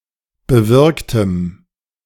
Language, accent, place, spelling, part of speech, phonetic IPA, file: German, Germany, Berlin, bewirktem, adjective, [bəˈvɪʁktəm], De-bewirktem.ogg
- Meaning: strong dative masculine/neuter singular of bewirkt